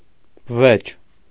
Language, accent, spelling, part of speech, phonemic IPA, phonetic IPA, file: Armenian, Eastern Armenian, բվեճ, noun, /bəˈvet͡ʃ/, [bəvét͡ʃ], Hy-բվեճ.ogg
- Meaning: eagle owl